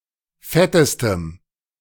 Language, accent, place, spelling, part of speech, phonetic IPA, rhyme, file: German, Germany, Berlin, fettestem, adjective, [ˈfɛtəstəm], -ɛtəstəm, De-fettestem.ogg
- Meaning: strong dative masculine/neuter singular superlative degree of fett